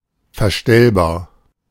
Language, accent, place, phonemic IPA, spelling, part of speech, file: German, Germany, Berlin, /fɛɐ̯ˈʃtɛlbaːɐ̯/, verstellbar, adjective, De-verstellbar.ogg
- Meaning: adjustable